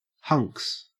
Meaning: 1. A crotchety or surly person 2. A stingy man; a miser 3. plural of hunk
- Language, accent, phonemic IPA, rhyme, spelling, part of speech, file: English, Australia, /hʌŋks/, -ʌŋks, hunks, noun, En-au-hunks.ogg